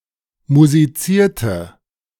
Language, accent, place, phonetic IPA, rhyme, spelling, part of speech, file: German, Germany, Berlin, [muziˈt͡siːɐ̯tə], -iːɐ̯tə, musizierte, verb, De-musizierte.ogg
- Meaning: inflection of musizieren: 1. first/third-person singular preterite 2. first/third-person singular subjunctive II